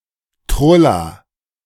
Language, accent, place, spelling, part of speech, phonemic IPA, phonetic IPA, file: German, Germany, Berlin, Trulla, noun, /ˈtrʊla/, [ˈtʁʊla], De-Trulla.ogg
- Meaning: A somewhat negative word for a female person, sometimes associated with slovenliness, sometimes more with silliness and loquacity (in this sense especially of little girls)